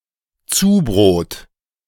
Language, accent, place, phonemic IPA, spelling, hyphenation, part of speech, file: German, Germany, Berlin, /ˈt͡suːˌbʁoːt/, Zubrot, Zu‧brot, noun, De-Zubrot.ogg
- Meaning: extra income